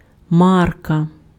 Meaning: 1. brand 2. stamp, label 3. mark (currency)
- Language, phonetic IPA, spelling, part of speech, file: Ukrainian, [ˈmarkɐ], марка, noun, Uk-марка.ogg